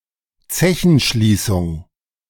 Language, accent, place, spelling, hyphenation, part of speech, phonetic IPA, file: German, Germany, Berlin, Zechenschließung, Ze‧chen‧schlie‧ßung, noun, [ˈt͡sɛçn̩ˌʃliːsʊŋ], De-Zechenschließung.ogg
- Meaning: closure of a coalmine